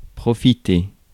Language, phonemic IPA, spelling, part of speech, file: French, /pʁɔ.fi.te/, profiter, verb, Fr-profiter.ogg
- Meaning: 1. to take advantage of, make the most of, enjoy 2. to be profitable or beneficial 3. to thrive, do well; wear well (of clothes); to soak up (sun, atmosphere)